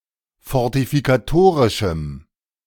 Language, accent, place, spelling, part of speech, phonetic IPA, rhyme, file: German, Germany, Berlin, fortifikatorischem, adjective, [fɔʁtifikaˈtoːʁɪʃm̩], -oːʁɪʃm̩, De-fortifikatorischem.ogg
- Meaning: strong dative masculine/neuter singular of fortifikatorisch